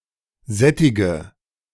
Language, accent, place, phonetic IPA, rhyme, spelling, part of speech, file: German, Germany, Berlin, [ˈzɛtɪɡə], -ɛtɪɡə, sättige, verb, De-sättige.ogg
- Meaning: inflection of sättigen: 1. first-person singular present 2. first/third-person singular subjunctive I 3. singular imperative